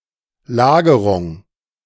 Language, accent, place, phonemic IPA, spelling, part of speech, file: German, Germany, Berlin, /ˈlaːɡəʁʊŋ/, Lagerung, noun, De-Lagerung.ogg
- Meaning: 1. storage 2. warehousing 3. storing